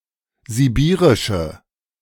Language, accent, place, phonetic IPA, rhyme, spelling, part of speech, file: German, Germany, Berlin, [ziˈbiːʁɪʃə], -iːʁɪʃə, sibirische, adjective, De-sibirische.ogg
- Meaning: inflection of sibirisch: 1. strong/mixed nominative/accusative feminine singular 2. strong nominative/accusative plural 3. weak nominative all-gender singular